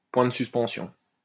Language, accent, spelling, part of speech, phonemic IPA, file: French, France, points de suspension, noun, /pwɛ̃ d(ə) sys.pɑ̃.sjɔ̃/, LL-Q150 (fra)-points de suspension.wav
- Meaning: ellipsis (mark used in printing to indicate an omission)